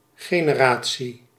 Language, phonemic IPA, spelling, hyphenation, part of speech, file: Dutch, /ɣeː.nə.ˈraː.(t)si/, generatie, ge‧ne‧ra‧tie, noun, Nl-generatie.ogg
- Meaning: generation, age